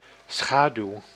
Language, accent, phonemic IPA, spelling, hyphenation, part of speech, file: Dutch, Netherlands, /ˈsxaː.dyu̯/, schaduw, scha‧duw, noun / verb, Nl-schaduw.ogg
- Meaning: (noun) 1. shade 2. shadow 3. blemish; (verb) inflection of schaduwen: 1. first-person singular present indicative 2. second-person singular present indicative 3. imperative